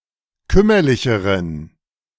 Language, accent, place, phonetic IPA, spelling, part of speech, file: German, Germany, Berlin, [ˈkʏmɐlɪçəʁən], kümmerlicheren, adjective, De-kümmerlicheren.ogg
- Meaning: inflection of kümmerlich: 1. strong genitive masculine/neuter singular comparative degree 2. weak/mixed genitive/dative all-gender singular comparative degree